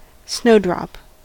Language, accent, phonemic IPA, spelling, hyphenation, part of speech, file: English, General American, /ˈsnoʊ.dɹɑp/, snowdrop, snow‧drop, noun / verb, En-us-snowdrop.ogg